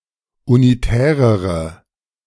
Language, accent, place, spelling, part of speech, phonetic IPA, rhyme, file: German, Germany, Berlin, unitärere, adjective, [uniˈtɛːʁəʁə], -ɛːʁəʁə, De-unitärere.ogg
- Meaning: inflection of unitär: 1. strong/mixed nominative/accusative feminine singular comparative degree 2. strong nominative/accusative plural comparative degree